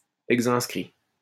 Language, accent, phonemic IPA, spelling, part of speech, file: French, France, /ɛɡ.zɛ̃s.kʁi/, exinscrit, adjective, LL-Q150 (fra)-exinscrit.wav
- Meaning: exinscribed